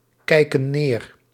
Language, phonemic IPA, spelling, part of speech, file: Dutch, /ˈkɛikə(n) ˈner/, kijken neer, verb, Nl-kijken neer.ogg
- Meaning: inflection of neerkijken: 1. plural present indicative 2. plural present subjunctive